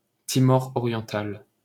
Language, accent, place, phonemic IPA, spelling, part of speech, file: French, France, Paris, /ti.mɔ.ʁ‿ɔ.ʁjɑ̃.tal/, Timor oriental, proper noun, LL-Q150 (fra)-Timor oriental.wav
- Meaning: East Timor (a country in Southeast Asia occupying half the island of Timor)